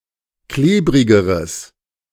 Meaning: strong/mixed nominative/accusative neuter singular comparative degree of klebrig
- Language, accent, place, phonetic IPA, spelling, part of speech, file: German, Germany, Berlin, [ˈkleːbʁɪɡəʁəs], klebrigeres, adjective, De-klebrigeres.ogg